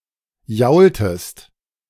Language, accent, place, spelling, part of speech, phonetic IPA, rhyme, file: German, Germany, Berlin, jaultest, verb, [ˈjaʊ̯ltəst], -aʊ̯ltəst, De-jaultest.ogg
- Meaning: inflection of jaulen: 1. second-person singular preterite 2. second-person singular subjunctive II